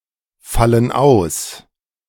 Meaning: inflection of ausfallen: 1. first/third-person plural present 2. first/third-person plural subjunctive I
- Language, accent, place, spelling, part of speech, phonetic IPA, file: German, Germany, Berlin, fallen aus, verb, [ˌfalən ˈaʊ̯s], De-fallen aus.ogg